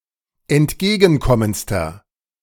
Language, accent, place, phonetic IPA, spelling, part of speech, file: German, Germany, Berlin, [ɛntˈɡeːɡn̩ˌkɔmənt͡stɐ], entgegenkommendster, adjective, De-entgegenkommendster.ogg
- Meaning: inflection of entgegenkommend: 1. strong/mixed nominative masculine singular superlative degree 2. strong genitive/dative feminine singular superlative degree